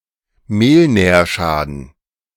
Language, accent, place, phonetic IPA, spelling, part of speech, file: German, Germany, Berlin, [ˈmeːlˌnɛːɐ̯ʃaːdn̩], Mehlnährschaden, noun, De-Mehlnährschaden.ogg
- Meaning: kwashiorkor